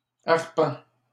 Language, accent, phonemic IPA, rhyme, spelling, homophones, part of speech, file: French, Canada, /aʁ.pɑ̃/, -ɑ̃, arpent, arpents, noun, LL-Q150 (fra)-arpent.wav
- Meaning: arpent